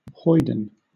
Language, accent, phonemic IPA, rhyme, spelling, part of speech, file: English, Southern England, /ˈhɔɪdən/, -ɔɪdən, hoyden, noun / adjective / verb, LL-Q1860 (eng)-hoyden.wav
- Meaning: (noun) A rude, uncultured or rowdy girl or woman; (adjective) Like a hoyden: high-spirited and boisterous; saucy, tomboyish; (verb) To behave in a hoydenish manner